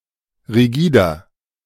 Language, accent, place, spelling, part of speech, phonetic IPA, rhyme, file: German, Germany, Berlin, rigider, adjective, [ʁiˈɡiːdɐ], -iːdɐ, De-rigider.ogg
- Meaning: 1. comparative degree of rigide 2. inflection of rigide: strong/mixed nominative masculine singular 3. inflection of rigide: strong genitive/dative feminine singular